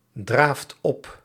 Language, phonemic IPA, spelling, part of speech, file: Dutch, /ˈdraft ˈɔp/, draaft op, verb, Nl-draaft op.ogg
- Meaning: inflection of opdraven: 1. second/third-person singular present indicative 2. plural imperative